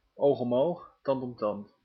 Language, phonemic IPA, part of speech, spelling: Dutch, /ˌoːx ɔm ˌoːx ˌtɑnt ɔm ˈtɑnt/, phrase, oog om oog, tand om tand
- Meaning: eye for an eye, a tooth for a tooth; eye for an eye (penal principle of retributing damage caused in the same kind)